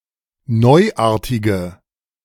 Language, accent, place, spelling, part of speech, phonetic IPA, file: German, Germany, Berlin, neuartige, adjective, [ˈnɔɪ̯ˌʔaːɐ̯tɪɡə], De-neuartige.ogg
- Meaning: inflection of neuartig: 1. strong/mixed nominative/accusative feminine singular 2. strong nominative/accusative plural 3. weak nominative all-gender singular